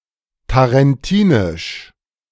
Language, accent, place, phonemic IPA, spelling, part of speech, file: German, Germany, Berlin, /taʁɛnˈtiːnɪʃ/, tarentinisch, adjective, De-tarentinisch.ogg
- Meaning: of Tarentum; Tarentine